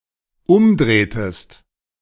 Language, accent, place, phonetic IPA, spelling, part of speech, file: German, Germany, Berlin, [ˈʊmˌdʁeːtəst], umdrehtest, verb, De-umdrehtest.ogg
- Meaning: inflection of umdrehen: 1. second-person singular dependent preterite 2. second-person singular dependent subjunctive II